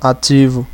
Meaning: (adjective) 1. active 2. top (of or relating to the dominant partner in a sexual relationship, usually the one who penetrates); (noun) asset (something or someone of any value)
- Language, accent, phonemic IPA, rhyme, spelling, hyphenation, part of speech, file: Portuguese, Brazil, /aˈt͡ʃi.vu/, -ivu, ativo, a‧ti‧vo, adjective / noun / verb, Pt-br-ativo.ogg